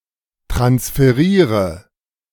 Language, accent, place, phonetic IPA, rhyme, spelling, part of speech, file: German, Germany, Berlin, [tʁansfəˈʁiːʁə], -iːʁə, transferiere, verb, De-transferiere.ogg
- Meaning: inflection of transferieren: 1. first-person singular present 2. first/third-person singular subjunctive I 3. singular imperative